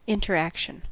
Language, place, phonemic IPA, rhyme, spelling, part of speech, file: English, California, /ˌɪn.tɚˈæk.ʃən/, -ækʃən, interaction, noun, En-us-interaction.ogg
- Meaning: The situation or occurrence in which two or more things act upon one another to produce an effect; the effect resulting from such a situation or occurrence